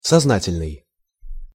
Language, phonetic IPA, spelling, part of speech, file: Russian, [sɐzˈnatʲɪlʲnɨj], сознательный, adjective, Ru-сознательный.ogg
- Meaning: 1. conscious, conscientious 2. deliberate